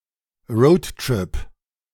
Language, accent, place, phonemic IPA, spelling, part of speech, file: German, Germany, Berlin, /ˈrɔʊ̯tˌtrɪp/, Roadtrip, noun, De-Roadtrip.ogg
- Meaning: road trip